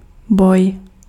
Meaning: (noun) fight; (verb) second-person singular imperative of bát
- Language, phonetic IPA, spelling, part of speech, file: Czech, [ˈboj], boj, noun / verb, Cs-boj.ogg